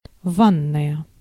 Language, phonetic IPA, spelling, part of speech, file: Russian, [ˈvanːəjə], ванная, noun / adjective, Ru-ванная.ogg
- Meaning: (noun) bathroom; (adjective) feminine nominative singular of ва́нный (vánnyj, “bath, bathroom”)